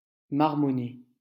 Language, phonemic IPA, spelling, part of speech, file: French, /maʁ.mɔ.ne/, marmonner, verb, LL-Q150 (fra)-marmonner.wav
- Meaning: to murmur, mumble